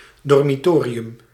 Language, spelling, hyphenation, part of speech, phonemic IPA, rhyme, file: Dutch, dormitorium, dor‧mi‧to‧ri‧um, noun, /ˌdɔrmiˈtoːriʏm/, -oːriʏm, Nl-dormitorium.ogg
- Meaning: 1. a dormitory, especially in a monastery 2. an early Christian cemetery or necropolis